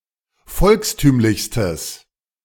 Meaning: strong/mixed nominative/accusative neuter singular superlative degree of volkstümlich
- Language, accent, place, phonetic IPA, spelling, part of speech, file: German, Germany, Berlin, [ˈfɔlksˌtyːmlɪçstəs], volkstümlichstes, adjective, De-volkstümlichstes.ogg